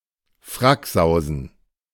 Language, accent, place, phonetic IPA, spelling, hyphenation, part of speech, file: German, Germany, Berlin, [ˈfʁakˌzaʊ̯zn̩], Fracksausen, Frack‧sau‧sen, noun, De-Fracksausen.ogg
- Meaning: fear